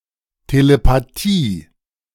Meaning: telepathy
- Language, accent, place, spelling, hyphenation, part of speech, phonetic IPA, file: German, Germany, Berlin, Telepathie, Te‧le‧pa‧thie, noun, [telepaˈtiː], De-Telepathie.ogg